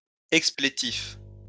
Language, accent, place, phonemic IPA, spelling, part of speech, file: French, France, Lyon, /ɛk.sple.tif/, explétif, adjective, LL-Q150 (fra)-explétif.wav
- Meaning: 1. expletive 2. useless, unnecessary, superfluous